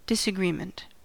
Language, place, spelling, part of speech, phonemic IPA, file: English, California, disagreement, noun, /ˌdɪsəˈɡɹimənt/, En-us-disagreement.ogg
- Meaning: 1. An argument or debate 2. A condition of not agreeing or concurring